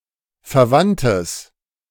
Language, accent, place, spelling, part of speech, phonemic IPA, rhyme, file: German, Germany, Berlin, verwandtes, adjective, /fɛɐ̯ˈvantəs/, -antəs, De-verwandtes.ogg
- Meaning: strong/mixed nominative/accusative neuter singular of verwandt